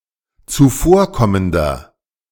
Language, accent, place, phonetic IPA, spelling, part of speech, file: German, Germany, Berlin, [t͡suˈfoːɐ̯ˌkɔməndɐ], zuvorkommender, adjective, De-zuvorkommender.ogg
- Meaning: comparative degree of zuvorkommend